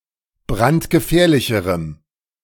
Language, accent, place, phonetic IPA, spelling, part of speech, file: German, Germany, Berlin, [ˈbʁantɡəˌfɛːɐ̯lɪçəʁəm], brandgefährlicherem, adjective, De-brandgefährlicherem.ogg
- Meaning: strong dative masculine/neuter singular comparative degree of brandgefährlich